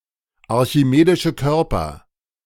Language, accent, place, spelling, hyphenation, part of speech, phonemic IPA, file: German, Germany, Berlin, archimedische Körper, ar‧chi‧me‧di‧sche Kör‧per, noun, /aʁçiˈmeːdɪʃə ˌkœrpər/, De-archimedische Körper.ogg
- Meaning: inflection of archimedischer Körper: 1. strong nominative/accusative plural 2. weak nominative singular